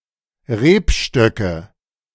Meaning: nominative/accusative/genitive plural of Rebstock
- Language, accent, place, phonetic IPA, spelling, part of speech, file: German, Germany, Berlin, [ˈʁeːpˌʃtœkə], Rebstöcke, noun, De-Rebstöcke.ogg